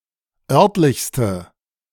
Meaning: inflection of örtlich: 1. strong/mixed nominative/accusative feminine singular superlative degree 2. strong nominative/accusative plural superlative degree
- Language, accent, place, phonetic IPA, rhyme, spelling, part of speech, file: German, Germany, Berlin, [ˈœʁtlɪçstə], -œʁtlɪçstə, örtlichste, adjective, De-örtlichste.ogg